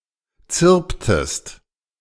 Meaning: inflection of zirpen: 1. second-person singular preterite 2. second-person singular subjunctive II
- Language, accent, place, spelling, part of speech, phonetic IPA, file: German, Germany, Berlin, zirptest, verb, [ˈt͡sɪʁptəst], De-zirptest.ogg